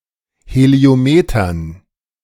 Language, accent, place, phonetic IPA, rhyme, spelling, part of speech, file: German, Germany, Berlin, [heli̯oˈmeːtɐn], -eːtɐn, Heliometern, noun, De-Heliometern.ogg
- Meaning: dative plural of Heliometer